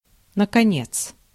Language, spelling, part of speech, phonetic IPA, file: Russian, наконец, adverb, [nəkɐˈnʲet͡s], Ru-наконец.ogg
- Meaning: 1. at last, finally 2. in conclusion 3. Used as an emphasiser when demanding something to occur sooner / expressing impatience; (US) already